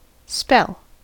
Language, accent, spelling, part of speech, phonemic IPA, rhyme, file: English, US, spell, noun / verb, /spɛl/, -ɛl, En-us-spell.ogg
- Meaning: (noun) 1. Words or a formula supposed to have magical powers 2. A magical effect or influence induced by an incantation or formula 3. Speech, discourse